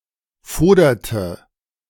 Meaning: inflection of fodern: 1. first/third-person singular preterite 2. first/third-person singular subjunctive II
- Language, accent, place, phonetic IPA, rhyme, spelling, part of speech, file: German, Germany, Berlin, [ˈfoːdɐtə], -oːdɐtə, foderte, verb, De-foderte.ogg